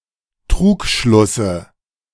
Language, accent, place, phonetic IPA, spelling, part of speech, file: German, Germany, Berlin, [ˈtʁuːkˌʃlʊsə], Trugschlusse, noun, De-Trugschlusse.ogg
- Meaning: dative singular of Trugschluss